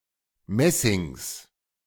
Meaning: genitive of Messing
- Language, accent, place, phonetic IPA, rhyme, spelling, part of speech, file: German, Germany, Berlin, [ˈmɛsɪŋs], -ɛsɪŋs, Messings, noun, De-Messings.ogg